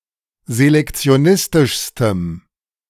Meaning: strong dative masculine/neuter singular superlative degree of selektionistisch
- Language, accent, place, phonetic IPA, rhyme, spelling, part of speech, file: German, Germany, Berlin, [zelɛkt͡si̯oˈnɪstɪʃstəm], -ɪstɪʃstəm, selektionistischstem, adjective, De-selektionistischstem.ogg